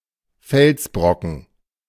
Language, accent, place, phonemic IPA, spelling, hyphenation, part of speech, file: German, Germany, Berlin, /ˈfɛlsˌbʁɔkn̩/, Felsbrocken, Fels‧bro‧cken, noun, De-Felsbrocken.ogg
- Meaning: boulder